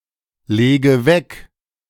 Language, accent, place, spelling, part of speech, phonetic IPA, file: German, Germany, Berlin, lege weg, verb, [ˌleːɡə ˈvɛk], De-lege weg.ogg
- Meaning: inflection of weglegen: 1. first-person singular present 2. first/third-person singular subjunctive I 3. singular imperative